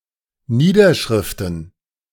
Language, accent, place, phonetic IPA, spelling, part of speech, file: German, Germany, Berlin, [ˈniːdɐˌʃʁɪftn̩], Niederschriften, noun, De-Niederschriften.ogg
- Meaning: plural of Niederschrift